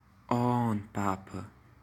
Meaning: 1. to paste 2. to stick
- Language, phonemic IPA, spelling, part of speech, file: Hunsrik, /ˈɔːnˌpapə/, aanbappe, verb, Hrx-aanbappe.ogg